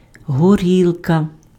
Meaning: 1. Any distilled alcoholic liquor: vodka, whisky, brandy, etc 2. Specifically, a clear distilled alcoholic liquor of Eastern European origin, made from grain mash, potatoes, or their peelings; vodka
- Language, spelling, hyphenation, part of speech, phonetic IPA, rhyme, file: Ukrainian, горілка, го‧ріл‧ка, noun, [ɦoˈrʲiɫkɐ], -iɫkɐ, Uk-горілка.ogg